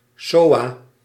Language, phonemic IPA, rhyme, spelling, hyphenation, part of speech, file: Dutch, /ˈsoː.aː/, -oːaː, soa, soa, noun, Nl-soa.ogg
- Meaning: acronym of seksueel overdraagbare aandoening (“STD, sexually transmitted disease”)